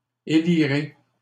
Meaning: second-person plural future of élire
- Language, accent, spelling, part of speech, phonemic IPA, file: French, Canada, élirez, verb, /e.li.ʁe/, LL-Q150 (fra)-élirez.wav